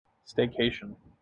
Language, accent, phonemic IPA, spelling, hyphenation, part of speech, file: English, General American, /ˌsteɪˈkeɪʃ(ə)n/, staycation, stay‧cat‧ion, noun / verb, En-us-staycation.mp3
- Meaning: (noun) 1. A vacation spent at or close to home 2. A vacation spent at or close to home.: A vacation spent at one's own home without other overnight accommodation